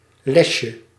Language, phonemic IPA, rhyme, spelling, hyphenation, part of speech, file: Dutch, /ˈlɛsjə/, -ɛsjə, lesje, les‧je, noun, Nl-lesje.ogg
- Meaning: diminutive of les